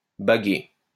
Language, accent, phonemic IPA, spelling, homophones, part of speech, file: French, France, /ba.ɡe/, bagué, baguai / baguée / baguées / baguer / bagués / baguez, verb, LL-Q150 (fra)-bagué.wav
- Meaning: past participle of baguer